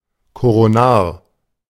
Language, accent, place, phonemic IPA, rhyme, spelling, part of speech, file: German, Germany, Berlin, /koʁoˈnaːɐ̯/, -aːɐ̯, koronar, adjective, De-koronar.ogg
- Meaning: coronary